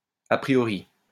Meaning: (adjective) intuitively known, a priori; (adverb) at first glance; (noun) preconceived idea
- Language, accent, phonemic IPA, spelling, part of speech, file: French, France, /a pʁi.jɔ.ʁi/, a priori, adjective / adverb / noun, LL-Q150 (fra)-a priori.wav